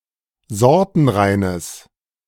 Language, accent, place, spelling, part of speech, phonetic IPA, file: German, Germany, Berlin, sortenreines, adjective, [ˈzɔʁtn̩ˌʁaɪ̯nəs], De-sortenreines.ogg
- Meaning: strong/mixed nominative/accusative neuter singular of sortenrein